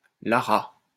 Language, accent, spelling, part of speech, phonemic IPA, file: French, France, Lara, proper noun, /la.ʁa/, LL-Q150 (fra)-Lara.wav
- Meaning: a female given name